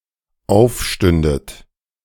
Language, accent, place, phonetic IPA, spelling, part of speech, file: German, Germany, Berlin, [ˈaʊ̯fˌʃtʏndət], aufstündet, verb, De-aufstündet.ogg
- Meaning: second-person plural dependent subjunctive II of aufstehen